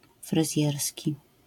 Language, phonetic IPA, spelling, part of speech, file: Polish, [frɨˈzʲjɛrsʲci], fryzjerski, adjective, LL-Q809 (pol)-fryzjerski.wav